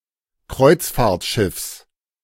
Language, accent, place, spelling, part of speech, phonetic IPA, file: German, Germany, Berlin, Kreuzfahrtschiffs, noun, [ˈkʁɔɪ̯t͡sfaːɐ̯tˌʃɪfs], De-Kreuzfahrtschiffs.ogg
- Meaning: genitive singular of Kreuzfahrtschiff